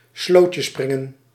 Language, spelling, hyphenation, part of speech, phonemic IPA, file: Dutch, slootjespringen, sloot‧je‧sprin‧gen, verb, /ˈsloː.tjəˌsprɪ.ŋə(n)/, Nl-slootjespringen.ogg
- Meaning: to jump over a ditch, especially as a children's game